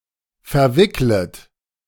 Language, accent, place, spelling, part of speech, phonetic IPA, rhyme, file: German, Germany, Berlin, verwicklet, verb, [fɛɐ̯ˈvɪklət], -ɪklət, De-verwicklet.ogg
- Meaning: second-person plural subjunctive I of verwickeln